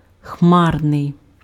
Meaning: cloudy
- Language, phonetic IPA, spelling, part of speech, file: Ukrainian, [ˈxmarnei̯], хмарний, adjective, Uk-хмарний.ogg